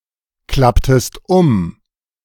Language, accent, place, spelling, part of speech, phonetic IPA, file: German, Germany, Berlin, klapptest um, verb, [ˌklaptəst ˈʊm], De-klapptest um.ogg
- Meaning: inflection of umklappen: 1. second-person singular preterite 2. second-person singular subjunctive II